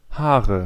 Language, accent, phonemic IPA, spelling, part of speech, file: German, Germany, /ˈhaːʁə/, Haare, noun, De-Haare.ogg
- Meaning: nominative/accusative/genitive plural of Haar "hair/hairs"